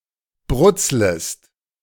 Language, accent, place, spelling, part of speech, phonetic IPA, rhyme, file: German, Germany, Berlin, brutzlest, verb, [ˈbʁʊt͡sləst], -ʊt͡sləst, De-brutzlest.ogg
- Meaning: second-person singular subjunctive I of brutzeln